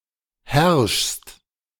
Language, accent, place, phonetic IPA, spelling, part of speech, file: German, Germany, Berlin, [hɛʁʃst], herrschst, verb, De-herrschst.ogg
- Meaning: second-person singular present of herrschen